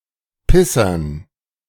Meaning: dative plural of Pisser
- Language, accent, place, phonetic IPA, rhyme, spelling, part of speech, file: German, Germany, Berlin, [ˈpɪsɐn], -ɪsɐn, Pissern, noun, De-Pissern.ogg